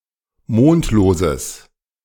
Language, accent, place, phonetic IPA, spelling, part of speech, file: German, Germany, Berlin, [ˈmoːntloːzəs], mondloses, adjective, De-mondloses.ogg
- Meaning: strong/mixed nominative/accusative neuter singular of mondlos